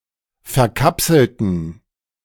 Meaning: inflection of verkapseln: 1. first/third-person plural preterite 2. first/third-person plural subjunctive II
- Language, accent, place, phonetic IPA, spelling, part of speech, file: German, Germany, Berlin, [fɛɐ̯ˈkapsl̩tn̩], verkapselten, adjective / verb, De-verkapselten.ogg